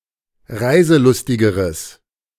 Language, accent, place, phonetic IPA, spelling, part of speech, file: German, Germany, Berlin, [ˈʁaɪ̯zəˌlʊstɪɡəʁəs], reiselustigeres, adjective, De-reiselustigeres.ogg
- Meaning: strong/mixed nominative/accusative neuter singular comparative degree of reiselustig